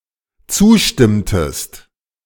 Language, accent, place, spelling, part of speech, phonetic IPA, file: German, Germany, Berlin, zustimmtest, verb, [ˈt͡suːˌʃtɪmtəst], De-zustimmtest.ogg
- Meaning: inflection of zustimmen: 1. second-person singular dependent preterite 2. second-person singular dependent subjunctive II